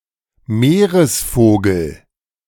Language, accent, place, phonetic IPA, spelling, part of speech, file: German, Germany, Berlin, [ˈmeːʁəsˌfoːɡl̩], Meeresvogel, noun, De-Meeresvogel.ogg
- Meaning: seabird